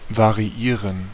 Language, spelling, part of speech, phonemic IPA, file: German, variieren, verb, /vaʁiˈiːʁən/, De-variieren.ogg
- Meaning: 1. to vary 2. to modify